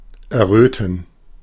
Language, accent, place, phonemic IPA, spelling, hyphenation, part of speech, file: German, Germany, Berlin, /ɛʁˈʁøːtn̩/, erröten, er‧rö‧ten, verb, De-erröten.ogg
- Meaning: to blush